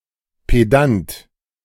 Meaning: pedant (person who is overly concerned with formal rules and trivial points of learning)
- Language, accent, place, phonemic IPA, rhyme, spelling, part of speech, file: German, Germany, Berlin, /peˈdant/, -ant, Pedant, noun, De-Pedant.ogg